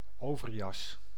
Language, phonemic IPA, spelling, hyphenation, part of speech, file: Dutch, /ˈoː.vərˌjɑs/, overjas, over‧jas, noun, Nl-overjas.ogg
- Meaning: an overcoat